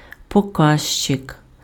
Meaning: 1. pointer (text or sign indicating direction or location) 2. index (list in a book)
- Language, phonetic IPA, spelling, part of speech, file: Ukrainian, [pɔˈkaʒt͡ʃek], покажчик, noun, Uk-покажчик.ogg